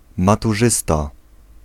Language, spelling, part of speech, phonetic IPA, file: Polish, maturzysta, noun, [ˌmatuˈʒɨsta], Pl-maturzysta.ogg